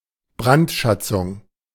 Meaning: 1. the exaction of tribute from a city under the threat of setting fire to it 2. looting and pillaging
- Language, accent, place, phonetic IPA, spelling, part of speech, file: German, Germany, Berlin, [ˈbʁantˌʃat͡sʊŋ], Brandschatzung, noun, De-Brandschatzung.ogg